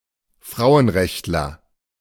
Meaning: feminist (male or of unspecified gender)
- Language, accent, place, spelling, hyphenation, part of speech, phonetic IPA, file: German, Germany, Berlin, Frauenrechtler, Frau‧en‧recht‧ler, noun, [ˈfʀaʊ̯ənˌʀɛçtlɐ], De-Frauenrechtler.ogg